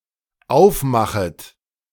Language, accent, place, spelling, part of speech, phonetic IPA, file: German, Germany, Berlin, aufmachet, verb, [ˈaʊ̯fˌmaxət], De-aufmachet.ogg
- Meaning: second-person plural dependent subjunctive I of aufmachen